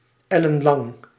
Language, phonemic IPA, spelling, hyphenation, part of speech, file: Dutch, /ˌɛ.lə(n)ˈlɑŋ/, ellenlang, el‧len‧lang, adjective, Nl-ellenlang.ogg
- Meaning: incredibly long